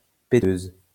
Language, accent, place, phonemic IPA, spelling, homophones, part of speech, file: French, France, Lyon, /pe.tøz/, péteuse, péteuses, adjective / noun, LL-Q150 (fra)-péteuse.wav
- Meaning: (adjective) feminine singular of péteux; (noun) female equivalent of péteur